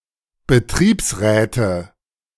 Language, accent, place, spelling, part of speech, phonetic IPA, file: German, Germany, Berlin, Betriebsräte, noun, [bəˈtʁiːpsˌʁɛːtə], De-Betriebsräte.ogg
- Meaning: nominative/accusative/genitive plural of Betriebsrat